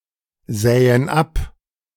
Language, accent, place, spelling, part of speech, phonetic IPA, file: German, Germany, Berlin, sähen ab, verb, [ˌzɛːən ˈap], De-sähen ab.ogg
- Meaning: first/third-person plural subjunctive II of absehen